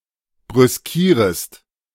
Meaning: second-person singular subjunctive I of brüskieren
- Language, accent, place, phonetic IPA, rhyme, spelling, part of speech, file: German, Germany, Berlin, [bʁʏsˈkiːʁəst], -iːʁəst, brüskierest, verb, De-brüskierest.ogg